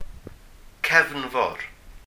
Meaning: 1. sea, ocean 2. the main 3. flood
- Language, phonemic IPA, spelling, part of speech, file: Welsh, /ˈkɛvnvɔr/, cefnfor, noun, Cy-cefnfor.ogg